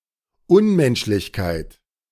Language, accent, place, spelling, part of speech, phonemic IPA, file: German, Germany, Berlin, Unmenschlichkeit, noun, /ˈʊnmɛnʃlɪçˌkaɪ̯t/, De-Unmenschlichkeit.ogg
- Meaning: inhumanity